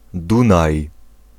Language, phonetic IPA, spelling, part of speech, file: Polish, [ˈdũnaj], Dunaj, proper noun, Pl-Dunaj.ogg